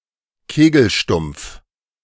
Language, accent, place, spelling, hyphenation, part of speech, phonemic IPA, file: German, Germany, Berlin, Kegelstumpf, Ke‧gel‧stumpf, noun, /ˈkeːɡl̩ˌʃtʊmp͡f/, De-Kegelstumpf.ogg
- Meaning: frustum of a cone, truncated cone (a cone with the tip cut off)